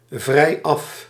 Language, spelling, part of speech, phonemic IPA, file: Dutch, vrijaf, noun, /vrɛiˈɑf/, Nl-vrijaf.ogg
- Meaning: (adjective) off free (from commitments such as work or school); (noun) time off, day off (e.g. work)